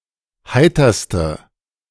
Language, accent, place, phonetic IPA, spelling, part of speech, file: German, Germany, Berlin, [ˈhaɪ̯tɐstə], heiterste, adjective, De-heiterste.ogg
- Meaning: inflection of heiter: 1. strong/mixed nominative/accusative feminine singular superlative degree 2. strong nominative/accusative plural superlative degree